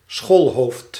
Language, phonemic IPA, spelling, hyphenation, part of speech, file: Dutch, /ˈsxoːl.ɦoːft/, schoolhoofd, school‧hoofd, noun, Nl-schoolhoofd.ogg
- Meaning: a headteacher, a principal, a schoolmaster or schoolmistress